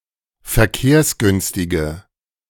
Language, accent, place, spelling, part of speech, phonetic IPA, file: German, Germany, Berlin, verkehrsgünstige, adjective, [fɛɐ̯ˈkeːɐ̯sˌɡʏnstɪɡə], De-verkehrsgünstige.ogg
- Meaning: inflection of verkehrsgünstig: 1. strong/mixed nominative/accusative feminine singular 2. strong nominative/accusative plural 3. weak nominative all-gender singular